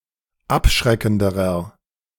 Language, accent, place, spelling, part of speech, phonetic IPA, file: German, Germany, Berlin, abschreckenderer, adjective, [ˈapˌʃʁɛkn̩dəʁɐ], De-abschreckenderer.ogg
- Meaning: inflection of abschreckend: 1. strong/mixed nominative masculine singular comparative degree 2. strong genitive/dative feminine singular comparative degree 3. strong genitive plural comparative degree